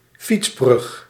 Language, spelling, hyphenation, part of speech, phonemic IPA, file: Dutch, fietsbrug, fiets‧brug, noun, /ˈfits.brʏx/, Nl-fietsbrug.ogg
- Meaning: bicycle bridge